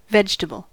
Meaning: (noun) Any plant
- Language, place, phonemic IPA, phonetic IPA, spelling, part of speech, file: English, California, /ˈvɛd͡ʒ.tə.bəl/, [ˈvɛd͡ʒ.tə.bɫ̩], vegetable, noun / adjective, En-us-vegetable.ogg